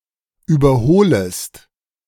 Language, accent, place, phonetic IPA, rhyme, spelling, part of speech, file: German, Germany, Berlin, [ˌyːbɐˈhoːləst], -oːləst, überholest, verb, De-überholest.ogg
- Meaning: second-person singular subjunctive I of überholen